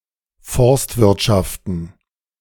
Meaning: plural of Forstwirtschaft
- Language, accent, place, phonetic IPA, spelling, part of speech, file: German, Germany, Berlin, [ˈfɔʁstvɪʁtʃaftn̩], Forstwirtschaften, noun, De-Forstwirtschaften.ogg